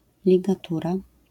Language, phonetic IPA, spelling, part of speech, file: Polish, [ˌlʲiɡaˈtura], ligatura, noun, LL-Q809 (pol)-ligatura.wav